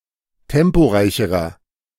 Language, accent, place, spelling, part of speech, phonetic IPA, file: German, Germany, Berlin, temporeicherer, adjective, [ˈtɛmpoˌʁaɪ̯çəʁɐ], De-temporeicherer.ogg
- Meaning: inflection of temporeich: 1. strong/mixed nominative masculine singular comparative degree 2. strong genitive/dative feminine singular comparative degree 3. strong genitive plural comparative degree